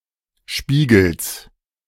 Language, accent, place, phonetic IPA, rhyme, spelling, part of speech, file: German, Germany, Berlin, [ˈʃpiːɡl̩s], -iːɡl̩s, Spiegels, noun, De-Spiegels.ogg
- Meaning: genitive singular of Spiegel